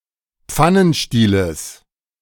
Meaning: genitive singular of Pfannenstiel
- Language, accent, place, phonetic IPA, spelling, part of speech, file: German, Germany, Berlin, [ˈp͡fanənˌʃtiːləs], Pfannenstieles, noun, De-Pfannenstieles.ogg